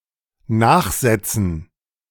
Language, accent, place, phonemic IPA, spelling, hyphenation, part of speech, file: German, Germany, Berlin, /ˈnaːxˌzɛt͡sn̩/, nachsetzen, nach‧set‧zen, verb, De-nachsetzen.ogg
- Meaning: 1. to place after 2. to chase after